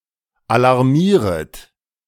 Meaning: second-person plural subjunctive I of alarmieren
- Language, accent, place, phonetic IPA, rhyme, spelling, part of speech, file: German, Germany, Berlin, [alaʁˈmiːʁət], -iːʁət, alarmieret, verb, De-alarmieret.ogg